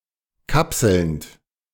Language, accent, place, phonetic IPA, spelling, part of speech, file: German, Germany, Berlin, [ˈkapsl̩nt], kapselnd, verb, De-kapselnd.ogg
- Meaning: present participle of kapseln